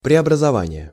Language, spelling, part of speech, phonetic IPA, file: Russian, преобразование, noun, [prʲɪəbrəzɐˈvanʲɪje], Ru-преобразование.ogg
- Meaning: 1. reform 2. reformation 3. transition 4. transformation, conversion 5. conversion, translation